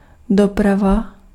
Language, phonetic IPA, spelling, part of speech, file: Czech, [ˈdoprava], doprava, noun / adverb, Cs-doprava.ogg
- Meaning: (noun) 1. traffic 2. transport 3. shipping (the cost of sending goods); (adverb) right (toward the direction)